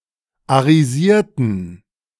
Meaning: inflection of arisieren: 1. first/third-person plural preterite 2. first/third-person plural subjunctive II
- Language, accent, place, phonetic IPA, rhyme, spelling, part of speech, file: German, Germany, Berlin, [aʁiˈziːɐ̯tn̩], -iːɐ̯tn̩, arisierten, adjective / verb, De-arisierten.ogg